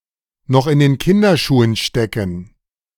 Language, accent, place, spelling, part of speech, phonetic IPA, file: German, Germany, Berlin, noch in den Kinderschuhen stecken, verb, [ˌnɔχ ʔɪn deːn ˈkɪndɐˌʃuːən ˌʃtɛkn̩], De-noch in den Kinderschuhen stecken.ogg
- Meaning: to be in its infancy